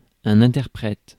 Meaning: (noun) 1. interpreter (as opposed to translator) 2. interpreter; spokesperson 3. performer (for example, an actor, musician, singer)
- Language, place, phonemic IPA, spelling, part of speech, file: French, Paris, /ɛ̃.tɛʁ.pʁɛt/, interprète, noun / verb, Fr-interprète.ogg